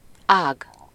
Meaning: 1. branch (the woody part of a tree arising from the trunk and usually dividing) 2. branch (any of the parts of something that divides like the branch of a tree)
- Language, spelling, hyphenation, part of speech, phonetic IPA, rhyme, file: Hungarian, ág, ág, noun, [ˈaːɡ], -aːɡ, Hu-ág.ogg